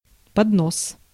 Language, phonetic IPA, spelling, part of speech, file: Russian, [pɐdˈnos], поднос, noun, Ru-поднос.ogg
- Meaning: tray, platter (object on which things are carried)